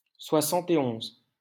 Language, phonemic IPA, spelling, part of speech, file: French, /swa.sɑ̃.te.ɔ̃z/, soixante-et-onze, numeral, LL-Q150 (fra)-soixante-et-onze.wav
- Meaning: post-1990 spelling of soixante et onze